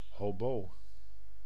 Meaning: oboe (woodwind)
- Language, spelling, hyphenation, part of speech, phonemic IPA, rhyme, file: Dutch, hobo, ho‧bo, noun, /ɦoːˈboː/, -oː, Nl-hobo.ogg